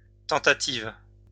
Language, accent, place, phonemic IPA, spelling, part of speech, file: French, France, Lyon, /tɑ̃.ta.tiv/, tentatives, noun, LL-Q150 (fra)-tentatives.wav
- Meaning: plural of tentative